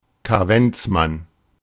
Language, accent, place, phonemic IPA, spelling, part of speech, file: German, Germany, Berlin, /kaˈvɛnt͡sˌman/, Kaventsmann, noun, De-Kaventsmann.ogg
- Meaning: 1. rogue wave 2. whopper (something remarkably large)